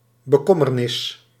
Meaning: solicitude, distress
- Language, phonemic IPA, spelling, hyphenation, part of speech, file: Dutch, /bəˈkɔ.mərˌnɪs/, bekommernis, be‧kom‧mer‧nis, noun, Nl-bekommernis.ogg